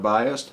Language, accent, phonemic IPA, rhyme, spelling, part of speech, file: English, US, /ˈbaɪəst/, -aɪəst, biased, adjective / verb, En-us-biased.ogg
- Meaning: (adjective) 1. Exhibiting bias; prejudiced 2. Having outcomes with unequal probabilities; weighted 3. Angled at a slant 4. On which an electrical bias is applied